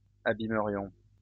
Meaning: first-person plural conditional of abîmer
- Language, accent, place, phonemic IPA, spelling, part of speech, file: French, France, Lyon, /a.bi.mə.ʁjɔ̃/, abîmerions, verb, LL-Q150 (fra)-abîmerions.wav